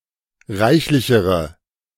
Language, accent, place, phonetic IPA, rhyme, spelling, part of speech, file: German, Germany, Berlin, [ˈʁaɪ̯çlɪçəʁə], -aɪ̯çlɪçəʁə, reichlichere, adjective, De-reichlichere.ogg
- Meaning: inflection of reichlich: 1. strong/mixed nominative/accusative feminine singular comparative degree 2. strong nominative/accusative plural comparative degree